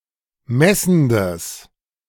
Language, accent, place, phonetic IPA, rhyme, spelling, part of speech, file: German, Germany, Berlin, [ˈmɛsn̩dəs], -ɛsn̩dəs, messendes, adjective, De-messendes.ogg
- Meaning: strong/mixed nominative/accusative neuter singular of messend